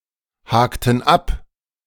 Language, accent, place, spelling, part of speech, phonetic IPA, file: German, Germany, Berlin, hakten ab, verb, [ˌhaːktn̩ ˈap], De-hakten ab.ogg
- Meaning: inflection of abhaken: 1. first/third-person plural preterite 2. first/third-person plural subjunctive II